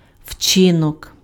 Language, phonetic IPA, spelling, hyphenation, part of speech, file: Ukrainian, [ˈʍt͡ʃɪnɔk], вчинок, вчи‧нок, noun, Uk-вчинок.ogg
- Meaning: alternative form of учи́нок (učýnok)